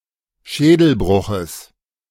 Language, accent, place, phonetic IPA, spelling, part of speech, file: German, Germany, Berlin, [ˈʃɛːdl̩ˌbʁʊxəs], Schädelbruches, noun, De-Schädelbruches.ogg
- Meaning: genitive singular of Schädelbruch